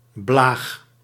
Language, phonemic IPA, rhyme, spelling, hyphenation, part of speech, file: Dutch, /blaːx/, -aːx, blaag, blaag, noun, Nl-blaag.ogg
- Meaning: 1. child, kid, only said of minors, in this sense usually in the plural 2. rascal, brat